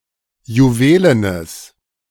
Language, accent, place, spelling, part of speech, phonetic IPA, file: German, Germany, Berlin, juwelenes, adjective, [juˈveːlənəs], De-juwelenes.ogg
- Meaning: strong/mixed nominative/accusative neuter singular of juwelen